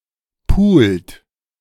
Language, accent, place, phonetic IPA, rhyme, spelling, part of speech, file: German, Germany, Berlin, [puːlt], -uːlt, pult, verb, De-pult.ogg
- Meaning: inflection of pulen: 1. second-person plural present 2. third-person singular present 3. plural imperative